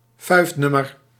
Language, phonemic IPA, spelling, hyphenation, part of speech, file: Dutch, /ˈfœy̯fˌnʏ.mər/, fuifnummer, fuif‧num‧mer, noun, Nl-fuifnummer.ogg
- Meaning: party animal